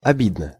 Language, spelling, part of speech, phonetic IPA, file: Russian, обидно, adverb / adjective, [ɐˈbʲidnə], Ru-обидно.ogg
- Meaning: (adverb) offensively (in an offensive manner); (adjective) 1. it is offensive, disappointing, upsetting or frustrating 2. short neuter singular of оби́дный (obídnyj)